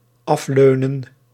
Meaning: to decline (an invite, offer or proposal), to refuse
- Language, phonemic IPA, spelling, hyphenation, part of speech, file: Dutch, /ˈɑfˌløː.nə(n)/, afleunen, af‧leu‧nen, verb, Nl-afleunen.ogg